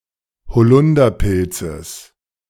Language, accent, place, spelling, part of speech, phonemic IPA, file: German, Germany, Berlin, bezichtigen, verb, /bəˈtsɪçtɪɡən/, De-bezichtigen.ogg
- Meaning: to accuse